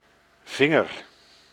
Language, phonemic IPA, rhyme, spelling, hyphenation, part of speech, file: Dutch, /ˈvɪŋər/, -ɪŋər, vinger, vin‧ger, noun / verb, Nl-vinger.ogg
- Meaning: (noun) finger; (verb) inflection of vingeren: 1. first-person singular present indicative 2. second-person singular present indicative 3. imperative